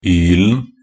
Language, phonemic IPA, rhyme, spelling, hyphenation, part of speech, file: Norwegian Bokmål, /ˈyːlən/, -ən, -ylen, -yl‧en, suffix, Nb--ylen.ogg
- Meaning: singular masculine definite form of -yl